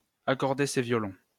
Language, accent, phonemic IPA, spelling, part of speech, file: French, France, /a.kɔʁ.de se vjɔ.lɔ̃/, accorder ses violons, verb, LL-Q150 (fra)-accorder ses violons.wav
- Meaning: to reach an agreement, to settle on something, to agree; to reconcile one's stories, to get one's stories straight, to sing the same tune